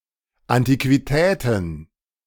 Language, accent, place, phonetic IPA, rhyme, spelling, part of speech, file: German, Germany, Berlin, [antikviˈtɛːtn̩], -ɛːtn̩, Antiquitäten, noun, De-Antiquitäten.ogg
- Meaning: plural of Antiquität